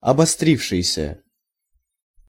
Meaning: past active perfective participle of обостри́ться (obostrítʹsja)
- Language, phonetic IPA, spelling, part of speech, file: Russian, [ɐbɐˈstrʲifʂɨjsʲə], обострившийся, verb, Ru-обострившийся.ogg